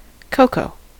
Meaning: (noun) The dried and partially fermented fatty seeds of the cacao tree from which chocolate is made
- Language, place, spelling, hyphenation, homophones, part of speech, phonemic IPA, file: English, California, cocoa, co‧coa, coco, noun / adjective, /ˈkoʊ.koʊ/, En-us-cocoa.ogg